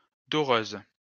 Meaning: female equivalent of doreur
- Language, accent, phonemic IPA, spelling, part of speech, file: French, France, /dɔ.ʁøz/, doreuse, noun, LL-Q150 (fra)-doreuse.wav